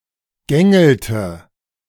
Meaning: inflection of gängeln: 1. second-person plural present 2. third-person singular present 3. plural imperative
- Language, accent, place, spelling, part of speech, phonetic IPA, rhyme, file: German, Germany, Berlin, gängelt, verb, [ˈɡɛŋl̩t], -ɛŋl̩t, De-gängelt.ogg